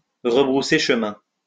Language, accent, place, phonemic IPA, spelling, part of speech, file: French, France, Lyon, /ʁə.bʁu.se ʃ(ə).mɛ̃/, rebrousser chemin, verb, LL-Q150 (fra)-rebrousser chemin.wav
- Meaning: to retrace one’s steps, to turn back